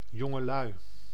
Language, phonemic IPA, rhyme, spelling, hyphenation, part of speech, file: Dutch, /ˌjɔ.ŋəˈlœy̯/, -œy̯, jongelui, jon‧ge‧lui, noun, Nl-jongelui.ogg
- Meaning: youth, youngsters